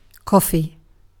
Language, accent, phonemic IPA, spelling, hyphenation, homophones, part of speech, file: English, UK, /ˈkɒfi/, coffee, cof‧fee, coughy, noun / adjective / verb, En-uk-coffee.ogg
- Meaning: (noun) 1. A beverage made by infusing the beans of the coffee plant in hot water 2. A serving of this beverage 3. The seeds of the plant used to make coffee, called ‘beans’ due to their shape